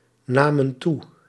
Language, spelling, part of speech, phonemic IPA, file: Dutch, namen toe, verb, /ˈnamə(n) ˈtu/, Nl-namen toe.ogg
- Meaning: inflection of toenemen: 1. plural past indicative 2. plural past subjunctive